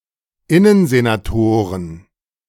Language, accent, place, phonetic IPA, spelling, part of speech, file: German, Germany, Berlin, [ˈɪnənzenaˌtoːʁən], Innensenatoren, noun, De-Innensenatoren.ogg
- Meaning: plural of Innensenator